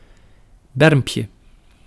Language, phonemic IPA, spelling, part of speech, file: Dutch, /ˈbɛrᵊmpjə/, bermpje, noun, Nl-bermpje.ogg
- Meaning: diminutive of berm